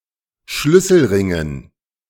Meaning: dative plural of Schlüsselring
- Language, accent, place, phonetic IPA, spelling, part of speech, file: German, Germany, Berlin, [ˈʃlʏsl̩ˌʁɪŋən], Schlüsselringen, noun, De-Schlüsselringen.ogg